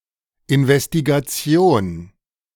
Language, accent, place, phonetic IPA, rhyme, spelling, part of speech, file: German, Germany, Berlin, [ɪnvɛstiɡaˈt͡si̯oːn], -oːn, Investigation, noun, De-Investigation.ogg
- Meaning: investigation